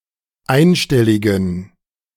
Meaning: inflection of einstellig: 1. strong genitive masculine/neuter singular 2. weak/mixed genitive/dative all-gender singular 3. strong/weak/mixed accusative masculine singular 4. strong dative plural
- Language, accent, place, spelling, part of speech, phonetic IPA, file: German, Germany, Berlin, einstelligen, adjective, [ˈaɪ̯nˌʃtɛlɪɡn̩], De-einstelligen.ogg